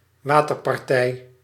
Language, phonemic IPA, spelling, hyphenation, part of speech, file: Dutch, /ˈʋaː.tər.pɑrˌtɛi̯/, waterpartij, wa‧ter‧par‧tij, noun, Nl-waterpartij.ogg
- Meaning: an decorative or recreational artificial water feature